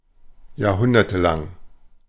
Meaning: over several centuries; for centuries
- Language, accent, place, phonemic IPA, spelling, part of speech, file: German, Germany, Berlin, /jaːɐ̯ˈhʊndɐtəˌlaŋ/, jahrhundertelang, adjective, De-jahrhundertelang.ogg